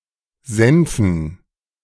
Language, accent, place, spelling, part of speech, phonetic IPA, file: German, Germany, Berlin, Senfen, noun, [ˈzɛnfn̩], De-Senfen.ogg
- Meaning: dative plural of Senf